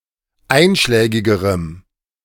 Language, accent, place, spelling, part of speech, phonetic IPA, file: German, Germany, Berlin, einschlägigerem, adjective, [ˈaɪ̯nʃlɛːɡɪɡəʁəm], De-einschlägigerem.ogg
- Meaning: strong dative masculine/neuter singular comparative degree of einschlägig